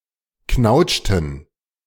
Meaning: inflection of knautschen: 1. first/third-person plural preterite 2. first/third-person plural subjunctive II
- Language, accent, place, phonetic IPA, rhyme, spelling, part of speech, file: German, Germany, Berlin, [ˈknaʊ̯t͡ʃtn̩], -aʊ̯t͡ʃtn̩, knautschten, verb, De-knautschten.ogg